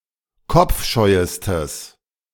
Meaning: strong/mixed nominative/accusative neuter singular superlative degree of kopfscheu
- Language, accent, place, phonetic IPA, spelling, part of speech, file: German, Germany, Berlin, [ˈkɔp͡fˌʃɔɪ̯əstəs], kopfscheuestes, adjective, De-kopfscheuestes.ogg